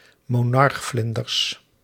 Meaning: plural of monarchvlinder
- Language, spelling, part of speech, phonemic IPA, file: Dutch, monarchvlinders, noun, /moˈnɑrɣvlɪndərs/, Nl-monarchvlinders.ogg